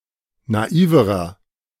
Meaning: inflection of naiv: 1. strong/mixed nominative masculine singular comparative degree 2. strong genitive/dative feminine singular comparative degree 3. strong genitive plural comparative degree
- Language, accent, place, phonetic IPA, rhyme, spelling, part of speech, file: German, Germany, Berlin, [naˈiːvəʁɐ], -iːvəʁɐ, naiverer, adjective, De-naiverer.ogg